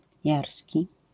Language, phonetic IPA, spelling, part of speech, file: Polish, [ˈjarsʲci], jarski, adjective, LL-Q809 (pol)-jarski.wav